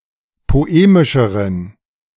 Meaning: inflection of poemisch: 1. strong genitive masculine/neuter singular comparative degree 2. weak/mixed genitive/dative all-gender singular comparative degree
- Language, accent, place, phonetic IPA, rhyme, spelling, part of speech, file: German, Germany, Berlin, [poˈeːmɪʃəʁən], -eːmɪʃəʁən, poemischeren, adjective, De-poemischeren.ogg